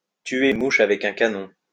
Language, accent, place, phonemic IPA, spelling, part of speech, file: French, France, Lyon, /tɥe.ʁ‿yn mu.ʃ‿a.vɛ.k‿œ̃ ka.nɔ̃/, tuer une mouche avec un canon, verb, LL-Q150 (fra)-tuer une mouche avec un canon.wav
- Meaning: to use a sledgehammer to crack a nut